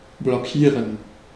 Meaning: 1. to block 2. to lock
- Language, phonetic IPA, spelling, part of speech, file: German, [blɔˈkiːrən], blockieren, verb, De-blockieren.ogg